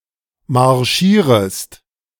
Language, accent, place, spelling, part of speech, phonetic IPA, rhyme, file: German, Germany, Berlin, marschierest, verb, [maʁˈʃiːʁəst], -iːʁəst, De-marschierest.ogg
- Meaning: second-person singular subjunctive I of marschieren